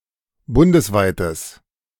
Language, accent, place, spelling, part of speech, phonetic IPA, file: German, Germany, Berlin, bundesweites, adjective, [ˈbʊndəsˌvaɪ̯təs], De-bundesweites.ogg
- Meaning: strong/mixed nominative/accusative neuter singular of bundesweit